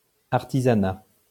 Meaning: craft industry
- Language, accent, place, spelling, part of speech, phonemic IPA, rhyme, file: French, France, Lyon, artisanat, noun, /aʁ.ti.za.na/, -a, LL-Q150 (fra)-artisanat.wav